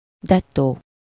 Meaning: ditto
- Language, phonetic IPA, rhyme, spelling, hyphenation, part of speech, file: Hungarian, [ˈdɛtːoː], -toː, dettó, det‧tó, adverb, Hu-dettó.ogg